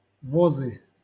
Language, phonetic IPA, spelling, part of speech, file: Russian, [vɐˈzɨ], возы, noun, LL-Q7737 (rus)-возы.wav
- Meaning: nominative/accusative plural of воз (voz)